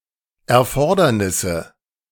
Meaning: nominative/accusative/genitive plural of Erfordernis
- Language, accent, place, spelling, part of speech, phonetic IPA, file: German, Germany, Berlin, Erfordernisse, noun, [ɛɐ̯ˈfɔʁdɐnɪsə], De-Erfordernisse.ogg